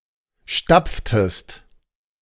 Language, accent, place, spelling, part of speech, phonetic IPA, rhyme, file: German, Germany, Berlin, stapftest, verb, [ˈʃtap͡ftəst], -ap͡ftəst, De-stapftest.ogg
- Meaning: inflection of stapfen: 1. second-person singular preterite 2. second-person singular subjunctive II